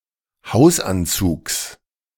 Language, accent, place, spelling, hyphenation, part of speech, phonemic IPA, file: German, Germany, Berlin, Hausanzugs, Haus‧an‧zugs, noun, /ˈhaʊ̯sˌant͡suːks/, De-Hausanzugs.ogg
- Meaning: genitive singular of Hausanzug